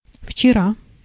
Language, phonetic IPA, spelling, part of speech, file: Russian, [ft͡ɕɪˈra], вчера, adverb / noun, Ru-вчера.ogg
- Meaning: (adverb) yesterday